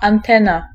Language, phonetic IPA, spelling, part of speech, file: Polish, [ãnˈtɛ̃na], antena, noun, Pl-antena.ogg